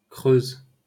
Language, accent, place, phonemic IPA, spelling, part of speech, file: French, France, Paris, /kʁøz/, Creuse, proper noun, LL-Q150 (fra)-Creuse.wav
- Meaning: 1. Creuse (a department of Nouvelle-Aquitaine, France) 2. Creuse (a right tributary of the Vienne, in southwestern France, flowing through the departments of Creuse, Indre, Indre-et-Loire and Vienne)